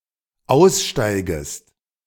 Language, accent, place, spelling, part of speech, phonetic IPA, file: German, Germany, Berlin, aussteigest, verb, [ˈaʊ̯sˌʃtaɪ̯ɡəst], De-aussteigest.ogg
- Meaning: second-person singular dependent subjunctive I of aussteigen